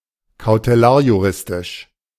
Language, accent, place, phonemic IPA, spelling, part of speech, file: German, Germany, Berlin, /kaʊteˈlaːɐ̯juˌʁɪstɪʃ/, kautelarjuristisch, adjective, De-kautelarjuristisch.ogg
- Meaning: of cautelary jurisprudence